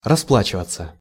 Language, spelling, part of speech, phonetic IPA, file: Russian, расплачиваться, verb, [rɐˈspɫat͡ɕɪvət͡sə], Ru-расплачиваться.ogg
- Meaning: 1. to pay 2. to pay off 3. to get even with, to take revenge on 4. to pay for, to receive punishment for